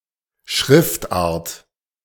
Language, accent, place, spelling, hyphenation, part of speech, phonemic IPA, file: German, Germany, Berlin, Schriftart, Schrift‧art, noun, /ˈʃʁɪftˌʔaːɐ̯t/, De-Schriftart.ogg
- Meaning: 1. typeface 2. font, font type 3. script (handwriting style)